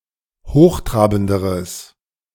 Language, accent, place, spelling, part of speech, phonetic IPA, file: German, Germany, Berlin, hochtrabenderes, adjective, [ˈhoːxˌtʁaːbn̩dəʁəs], De-hochtrabenderes.ogg
- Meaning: strong/mixed nominative/accusative neuter singular comparative degree of hochtrabend